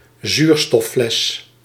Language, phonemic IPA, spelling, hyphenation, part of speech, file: Dutch, /ˈzyːr.stɔˌflɛs/, zuurstoffles, zuur‧stof‧fles, noun, Nl-zuurstoffles.ogg
- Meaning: an oxygen cylinder, an oxygen bottle, especially as diving gear